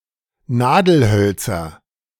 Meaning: nominative/accusative/genitive plural of Nadelholz
- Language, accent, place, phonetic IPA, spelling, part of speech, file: German, Germany, Berlin, [ˈnaːdl̩ˌhœlt͡sɐ], Nadelhölzer, noun, De-Nadelhölzer.ogg